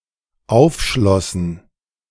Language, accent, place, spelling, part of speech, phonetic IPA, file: German, Germany, Berlin, aufschlossen, verb, [ˈaʊ̯fˌʃlɔsn̩], De-aufschlossen.ogg
- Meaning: first/third-person plural dependent preterite of aufschließen